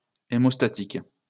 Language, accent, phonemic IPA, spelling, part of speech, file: French, France, /e.mɔs.ta.tik/, hémostatique, adjective, LL-Q150 (fra)-hémostatique.wav
- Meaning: haemostatic